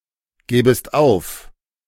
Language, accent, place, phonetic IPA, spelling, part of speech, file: German, Germany, Berlin, [ˌɡɛːbəst ˈaʊ̯f], gäbest auf, verb, De-gäbest auf.ogg
- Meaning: second-person singular subjunctive II of aufgeben